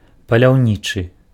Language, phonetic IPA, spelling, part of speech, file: Belarusian, [palʲau̯ˈnʲit͡ʂɨ], паляўнічы, adjective / noun, Be-паляўнічы.ogg
- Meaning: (adjective) hunting, hunter's; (noun) hunter